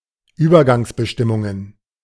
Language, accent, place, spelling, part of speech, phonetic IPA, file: German, Germany, Berlin, Übergangsbestimmungen, noun, [ˈyːbɐɡaŋsbəˌʃtɪmʊŋən], De-Übergangsbestimmungen.ogg
- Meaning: plural of Übergangsbestimmung